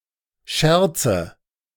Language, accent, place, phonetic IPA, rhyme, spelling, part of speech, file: German, Germany, Berlin, [ˈʃɛʁt͡sə], -ɛʁt͡sə, Scherze, noun, De-Scherze.ogg
- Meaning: nominative/accusative/genitive plural of Scherz